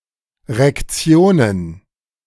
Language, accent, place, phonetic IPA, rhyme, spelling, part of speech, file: German, Germany, Berlin, [ʁɛkˈt͡si̯oːnən], -oːnən, Rektionen, noun, De-Rektionen.ogg
- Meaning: plural of Rektion